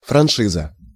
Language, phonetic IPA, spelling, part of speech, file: Russian, [frɐnˈʂɨzə], франшиза, noun, Ru-франшиза.ogg
- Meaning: franchise (authorization granted by a company to sell or distribute its goods or services in a certain area)